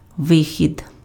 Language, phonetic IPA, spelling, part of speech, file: Ukrainian, [ˈʋɪxʲid], вихід, noun, Uk-вихід.ogg
- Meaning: 1. departure, exit, leaving (an act of going out) 2. coming out, emergence, appearance